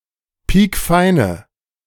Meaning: inflection of piekfein: 1. strong/mixed nominative/accusative feminine singular 2. strong nominative/accusative plural 3. weak nominative all-gender singular
- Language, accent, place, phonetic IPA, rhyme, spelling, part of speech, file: German, Germany, Berlin, [ˈpiːkˈfaɪ̯nə], -aɪ̯nə, piekfeine, adjective, De-piekfeine.ogg